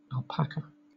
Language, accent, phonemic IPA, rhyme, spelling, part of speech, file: English, Southern England, /ælˈpækə/, -ækə, alpaca, noun, LL-Q1860 (eng)-alpaca.wav
- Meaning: A sheep-like domesticated animal of the Andes, Vicugna pacos, in the camel family, closely related to the llama, guanaco, and vicuña